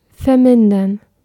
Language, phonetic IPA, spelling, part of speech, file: German, [fɛɐ̯ˈmɪn.dɐn], vermindern, verb, De-vermindern.ogg
- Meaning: 1. to reduce, decrease, shrink, diminish 2. to alleviate, lessen, ease 3. to deplete